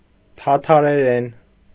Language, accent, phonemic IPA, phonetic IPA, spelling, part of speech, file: Armenian, Eastern Armenian, /tʰɑtʰɑɾeˈɾen/, [tʰɑtʰɑɾeɾén], թաթարերեն, noun / adverb / adjective, Hy-թաթարերեն.ogg
- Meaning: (noun) Tatar (language); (adverb) in Tatar; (adjective) Tatar (of or pertaining to the language)